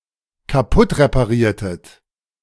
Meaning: inflection of kaputtreparieren: 1. second-person plural dependent preterite 2. second-person plural dependent subjunctive II
- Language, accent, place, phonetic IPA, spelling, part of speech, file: German, Germany, Berlin, [kaˈpʊtʁepaˌʁiːɐ̯tət], kaputtrepariertet, verb, De-kaputtrepariertet.ogg